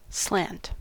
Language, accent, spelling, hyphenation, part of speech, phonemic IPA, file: English, US, slant, slant, noun / verb / adjective, /ˈslænt/, En-us-slant.ogg
- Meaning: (noun) 1. A slope; an incline, inclination 2. A sloped surface or line 3. A run: a heading driven diagonally between the dip and strike of a coal seam 4. An oblique movement or course